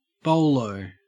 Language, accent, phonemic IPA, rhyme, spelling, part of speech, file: English, Australia, /ˈbəʊləʊ/, -əʊləʊ, bowlo, noun, En-au-bowlo.ogg
- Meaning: A bowling club